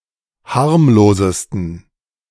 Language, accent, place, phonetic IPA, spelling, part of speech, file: German, Germany, Berlin, [ˈhaʁmloːzəstn̩], harmlosesten, adjective, De-harmlosesten.ogg
- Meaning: 1. superlative degree of harmlos 2. inflection of harmlos: strong genitive masculine/neuter singular superlative degree